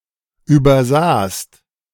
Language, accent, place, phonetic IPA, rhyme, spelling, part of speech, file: German, Germany, Berlin, [ˌyːbɐˈzaːst], -aːst, übersahst, verb, De-übersahst.ogg
- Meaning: second-person singular preterite of übersehen